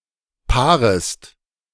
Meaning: second-person singular subjunctive I of paaren
- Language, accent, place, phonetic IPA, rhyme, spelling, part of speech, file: German, Germany, Berlin, [ˈpaːʁəst], -aːʁəst, paarest, verb, De-paarest.ogg